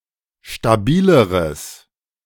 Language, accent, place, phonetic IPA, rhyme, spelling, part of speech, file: German, Germany, Berlin, [ʃtaˈbiːləʁəs], -iːləʁəs, stabileres, adjective, De-stabileres.ogg
- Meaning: strong/mixed nominative/accusative neuter singular comparative degree of stabil